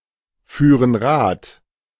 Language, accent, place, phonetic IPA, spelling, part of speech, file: German, Germany, Berlin, [ˌfyːʁən ˈʁaːt], führen Rad, verb, De-führen Rad.ogg
- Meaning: first-person plural subjunctive II of Rad fahren